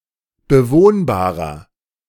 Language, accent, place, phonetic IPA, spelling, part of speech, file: German, Germany, Berlin, [bəˈvoːnbaːʁɐ], bewohnbarer, adjective, De-bewohnbarer.ogg
- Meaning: 1. comparative degree of bewohnbar 2. inflection of bewohnbar: strong/mixed nominative masculine singular 3. inflection of bewohnbar: strong genitive/dative feminine singular